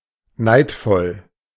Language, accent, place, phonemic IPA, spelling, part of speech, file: German, Germany, Berlin, /ˈnaɪ̯tfɔl/, neidvoll, adjective, De-neidvoll.ogg
- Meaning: envious